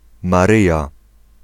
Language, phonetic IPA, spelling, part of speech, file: Polish, [maˈrɨja], Maryja, proper noun, Pl-Maryja.ogg